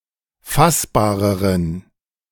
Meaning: inflection of fassbar: 1. strong genitive masculine/neuter singular comparative degree 2. weak/mixed genitive/dative all-gender singular comparative degree
- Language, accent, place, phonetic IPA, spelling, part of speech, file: German, Germany, Berlin, [ˈfasbaːʁəʁən], fassbareren, adjective, De-fassbareren.ogg